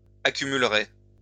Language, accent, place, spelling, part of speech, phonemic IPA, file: French, France, Lyon, accumulerez, verb, /a.ky.myl.ʁe/, LL-Q150 (fra)-accumulerez.wav
- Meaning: second-person plural simple future of accumuler